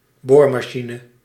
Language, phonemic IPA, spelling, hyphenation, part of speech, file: Dutch, /ˈboːr.maːˌʃi.nə/, boormachine, boor‧ma‧chi‧ne, noun, Nl-boormachine.ogg
- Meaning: drill (electrical or fuel-powered appliance for drilling holes)